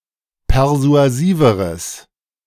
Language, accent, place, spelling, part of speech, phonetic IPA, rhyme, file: German, Germany, Berlin, persuasiveres, adjective, [pɛʁzu̯aˈziːvəʁəs], -iːvəʁəs, De-persuasiveres.ogg
- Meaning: strong/mixed nominative/accusative neuter singular comparative degree of persuasiv